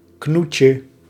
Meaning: diminutive of knoet
- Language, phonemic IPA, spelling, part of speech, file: Dutch, /ˈknucə/, knoetje, noun, Nl-knoetje.ogg